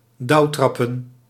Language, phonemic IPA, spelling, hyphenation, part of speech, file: Dutch, /ˈdɑu̯ˌtrɑ.pə(n)/, dauwtrappen, dauw‧trap‧pen, verb, Nl-dauwtrappen.ogg
- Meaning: to hike early in the morning, especially as a custom on Ascension Day